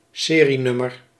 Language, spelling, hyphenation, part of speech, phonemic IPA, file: Dutch, serienummer, se‧rie‧num‧mer, noun, /ˈseː.riˌnʏ.mər/, Nl-serienummer.ogg
- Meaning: a serial number